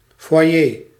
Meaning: foyer (lobby, waiting room or parlour)
- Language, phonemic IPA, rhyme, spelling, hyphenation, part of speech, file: Dutch, /fʋɑˈjeː/, -eː, foyer, foy‧er, noun, Nl-foyer.ogg